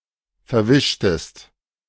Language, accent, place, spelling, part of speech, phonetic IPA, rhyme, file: German, Germany, Berlin, verwischtest, verb, [fɛɐ̯ˈvɪʃtəst], -ɪʃtəst, De-verwischtest.ogg
- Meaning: inflection of verwischen: 1. second-person singular preterite 2. second-person singular subjunctive II